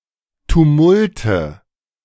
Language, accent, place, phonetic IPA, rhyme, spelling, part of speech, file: German, Germany, Berlin, [tuˈmʊltə], -ʊltə, Tumulte, noun, De-Tumulte.ogg
- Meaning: nominative/accusative/genitive plural of Tumult